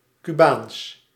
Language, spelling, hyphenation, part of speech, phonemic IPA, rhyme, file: Dutch, Cubaans, Cu‧baans, adjective, /kyˈbaːns/, -aːns, Nl-Cubaans.ogg
- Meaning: Cuban (pertaining to Cuba or Cubans)